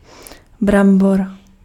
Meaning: potato
- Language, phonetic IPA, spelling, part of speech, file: Czech, [ˈbrambor], brambor, noun, Cs-brambor.ogg